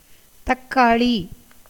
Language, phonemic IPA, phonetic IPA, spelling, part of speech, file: Tamil, /t̪ɐkːɑːɭiː/, [t̪ɐkːäːɭiː], தக்காளி, noun, Ta-தக்காளி.ogg
- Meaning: 1. tomato 2. winter cherry (Withania somnifera)